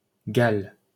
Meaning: Wales (a constituent country of the United Kingdom)
- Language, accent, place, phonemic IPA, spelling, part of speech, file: French, France, Paris, /ɡal/, Galles, proper noun, LL-Q150 (fra)-Galles.wav